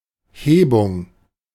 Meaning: 1. lifting, elevation 2. crustal thickening 3. palatalization, fronting 4. arsis
- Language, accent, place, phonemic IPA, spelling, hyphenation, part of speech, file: German, Germany, Berlin, /ˈheːbʊŋ/, Hebung, He‧bung, noun, De-Hebung.ogg